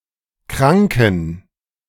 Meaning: 1. genitive singular of Kranker 2. plural of Kranker 3. plural of Kranke
- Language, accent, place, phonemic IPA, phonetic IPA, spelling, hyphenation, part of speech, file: German, Germany, Berlin, /ˈkʁaŋkən/, [ˈkʁaŋkŋ̩], Kranken, Kran‧ken, noun, De-Kranken.ogg